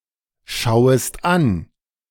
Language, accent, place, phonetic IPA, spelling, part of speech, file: German, Germany, Berlin, [ˌʃaʊ̯əst ˈan], schauest an, verb, De-schauest an.ogg
- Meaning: second-person singular subjunctive I of anschauen